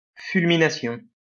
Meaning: fulmination
- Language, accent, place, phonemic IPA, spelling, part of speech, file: French, France, Lyon, /fyl.mi.na.sjɔ̃/, fulmination, noun, LL-Q150 (fra)-fulmination.wav